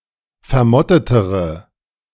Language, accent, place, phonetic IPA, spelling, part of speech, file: German, Germany, Berlin, [fɛɐ̯ˈmɔtətəʁə], vermottetere, adjective, De-vermottetere.ogg
- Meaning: inflection of vermottet: 1. strong/mixed nominative/accusative feminine singular comparative degree 2. strong nominative/accusative plural comparative degree